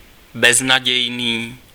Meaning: hopeless
- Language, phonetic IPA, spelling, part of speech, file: Czech, [ˈbɛznaɟɛjniː], beznadějný, adjective, Cs-beznadějný.ogg